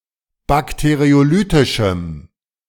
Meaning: strong dative masculine/neuter singular of bakteriolytisch
- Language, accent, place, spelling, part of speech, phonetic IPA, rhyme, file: German, Germany, Berlin, bakteriolytischem, adjective, [ˌbakteʁioˈlyːtɪʃm̩], -yːtɪʃm̩, De-bakteriolytischem.ogg